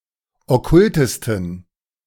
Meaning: 1. superlative degree of okkult 2. inflection of okkult: strong genitive masculine/neuter singular superlative degree
- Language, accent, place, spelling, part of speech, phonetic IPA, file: German, Germany, Berlin, okkultesten, adjective, [ɔˈkʊltəstn̩], De-okkultesten.ogg